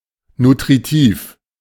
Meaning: nutritive, nutritious
- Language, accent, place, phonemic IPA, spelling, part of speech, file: German, Germany, Berlin, /nutʁiˈtiːf/, nutritiv, adjective, De-nutritiv.ogg